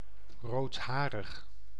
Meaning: redheaded
- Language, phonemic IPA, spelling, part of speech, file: Dutch, /rotˈharəx/, roodharig, adjective, Nl-roodharig.ogg